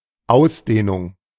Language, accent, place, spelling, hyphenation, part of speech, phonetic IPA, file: German, Germany, Berlin, Ausdehnung, Aus‧deh‧nung, noun, [ˈʔaʊ̯sdeːnʊŋ], De-Ausdehnung.ogg
- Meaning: extension, expansion